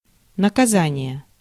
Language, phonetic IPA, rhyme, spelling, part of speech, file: Russian, [nəkɐˈzanʲɪje], -anʲɪje, наказание, noun, Ru-наказание.ogg
- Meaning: 1. punishment 2. penalty, chastisement